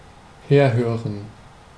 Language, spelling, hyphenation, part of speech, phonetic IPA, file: German, herhören, her‧hö‧ren, verb, [ˈheːɐ̯ˌhøːʁən], De-herhören.ogg
- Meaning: to listen